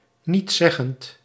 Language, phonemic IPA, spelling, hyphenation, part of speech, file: Dutch, /nitˈsɛ.ɣənt/, nietszeggend, niets‧zeg‧gend, adjective, Nl-nietszeggend.ogg
- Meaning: saying nothing, meaningless, featureless